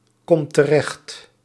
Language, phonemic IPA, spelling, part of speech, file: Dutch, /ˈkɔmt təˈrɛxt/, komt terecht, verb, Nl-komt terecht.ogg
- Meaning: inflection of terechtkomen: 1. second/third-person singular present indicative 2. plural imperative